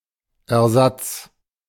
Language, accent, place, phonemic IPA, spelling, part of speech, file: German, Germany, Berlin, /ʔɛɐ̯ˈzats/, Ersatz, noun, De-Ersatz.ogg
- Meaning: 1. replacement, substitute 2. compensation